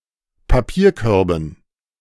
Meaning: dative plural of Papierkorb
- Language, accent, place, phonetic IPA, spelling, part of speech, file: German, Germany, Berlin, [paˈpiːɐ̯ˌkœʁbn̩], Papierkörben, noun, De-Papierkörben.ogg